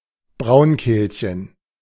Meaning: the whinchat (a bird in the flycatcher family, Saxicola rubetra)
- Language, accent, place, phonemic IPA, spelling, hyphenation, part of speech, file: German, Germany, Berlin, /ˈbʁaʊ̯nˌkeːlçən/, Braunkehlchen, Braun‧kehl‧chen, noun, De-Braunkehlchen.ogg